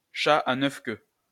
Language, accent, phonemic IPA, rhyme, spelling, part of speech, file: French, France, /ʃa a nœf kø/, -ø, chat à neuf queues, noun, LL-Q150 (fra)-chat à neuf queues.wav
- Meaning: cat-o'-nine-tails